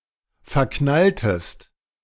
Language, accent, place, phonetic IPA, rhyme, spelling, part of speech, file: German, Germany, Berlin, [fɛɐ̯ˈknaltəst], -altəst, verknalltest, verb, De-verknalltest.ogg
- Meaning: inflection of verknallen: 1. second-person singular preterite 2. second-person singular subjunctive II